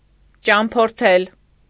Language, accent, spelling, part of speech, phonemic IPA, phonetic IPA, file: Armenian, Eastern Armenian, ճամփորդել, verb, /t͡ʃɑmpʰoɾˈtʰel/, [t͡ʃɑmpʰoɾtʰél], Hy-ճամփորդել.ogg
- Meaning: to travel